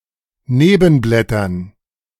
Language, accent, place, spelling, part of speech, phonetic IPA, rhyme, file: German, Germany, Berlin, Nebenblättern, noun, [ˈneːbn̩ˌblɛtɐn], -eːbn̩blɛtɐn, De-Nebenblättern.ogg
- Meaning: dative plural of Nebenblatt